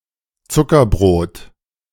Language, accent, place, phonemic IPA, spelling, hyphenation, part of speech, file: German, Germany, Berlin, /ˈt͡sʊkɐˌbʁoːt/, Zuckerbrot, Zu‧cker‧brot, noun, De-Zuckerbrot.ogg
- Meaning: sweet pastry